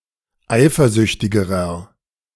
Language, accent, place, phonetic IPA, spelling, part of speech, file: German, Germany, Berlin, [ˈaɪ̯fɐˌzʏçtɪɡəʁɐ], eifersüchtigerer, adjective, De-eifersüchtigerer.ogg
- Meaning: inflection of eifersüchtig: 1. strong/mixed nominative masculine singular comparative degree 2. strong genitive/dative feminine singular comparative degree 3. strong genitive plural comparative degree